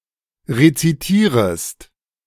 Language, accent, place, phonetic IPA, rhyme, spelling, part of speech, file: German, Germany, Berlin, [ʁet͡siˈtiːʁəst], -iːʁəst, rezitierest, verb, De-rezitierest.ogg
- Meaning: second-person singular subjunctive I of rezitieren